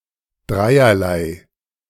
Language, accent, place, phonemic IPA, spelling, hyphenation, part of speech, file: German, Germany, Berlin, /ˈdʁaɪ̯.ɐ.laɪ̯/, dreierlei, drei‧er‧lei, adjective, De-dreierlei.ogg
- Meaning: of three different types